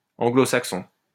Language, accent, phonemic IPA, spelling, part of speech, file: French, France, /ɑ̃.ɡlo.sak.sɔ̃/, anglo-saxon, noun / adjective, LL-Q150 (fra)-anglo-saxon.wav
- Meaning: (noun) Anglo-Saxon (Old English language); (adjective) Anglo-Saxon